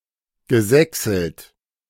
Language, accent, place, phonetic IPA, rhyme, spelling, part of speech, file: German, Germany, Berlin, [ɡəˈzɛksl̩t], -ɛksl̩t, gesächselt, verb, De-gesächselt.ogg
- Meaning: past participle of sächseln